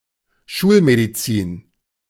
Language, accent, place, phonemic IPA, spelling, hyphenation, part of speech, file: German, Germany, Berlin, /ˈʃuːlmediˌt͡siːn/, Schulmedizin, Schul‧me‧di‧zin, noun, De-Schulmedizin.ogg
- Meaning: academic medicine (as opposed to alternative medicine)